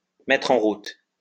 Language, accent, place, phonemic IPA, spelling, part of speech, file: French, France, Lyon, /mɛ.tʁ‿ɑ̃ ʁut/, mettre en route, verb, LL-Q150 (fra)-mettre en route.wav
- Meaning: 1. to start, to turn on 2. to set off, to set out